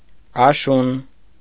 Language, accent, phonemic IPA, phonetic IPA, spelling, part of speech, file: Armenian, Eastern Armenian, /ɑˈʃun/, [ɑʃún], աշուն, noun, Hy-աշուն.ogg
- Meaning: autumn, fall